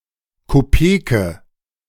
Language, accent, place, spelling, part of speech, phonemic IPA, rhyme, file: German, Germany, Berlin, Kopeke, noun, /koˈpeːkə/, -eːkə, De-Kopeke.ogg
- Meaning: kopek (currency)